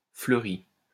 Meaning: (verb) past participle of fleurir; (adjective) flowery
- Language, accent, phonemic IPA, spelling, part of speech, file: French, France, /flœ.ʁi/, fleuri, verb / adjective, LL-Q150 (fra)-fleuri.wav